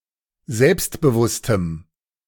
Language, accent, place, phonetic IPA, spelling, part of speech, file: German, Germany, Berlin, [ˈzɛlpstbəˌvʊstəm], selbstbewusstem, adjective, De-selbstbewusstem.ogg
- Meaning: strong dative masculine/neuter singular of selbstbewusst